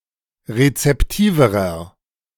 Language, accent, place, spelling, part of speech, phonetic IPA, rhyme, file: German, Germany, Berlin, rezeptiverer, adjective, [ʁet͡sɛpˈtiːvəʁɐ], -iːvəʁɐ, De-rezeptiverer.ogg
- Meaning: inflection of rezeptiv: 1. strong/mixed nominative masculine singular comparative degree 2. strong genitive/dative feminine singular comparative degree 3. strong genitive plural comparative degree